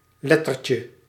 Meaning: diminutive of letter
- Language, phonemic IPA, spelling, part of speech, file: Dutch, /ˈlɛtərcə/, lettertje, noun, Nl-lettertje.ogg